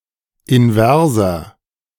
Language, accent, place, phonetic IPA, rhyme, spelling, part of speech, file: German, Germany, Berlin, [ɪnˈvɛʁzɐ], -ɛʁzɐ, inverser, adjective, De-inverser.ogg
- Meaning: inflection of invers: 1. strong/mixed nominative masculine singular 2. strong genitive/dative feminine singular 3. strong genitive plural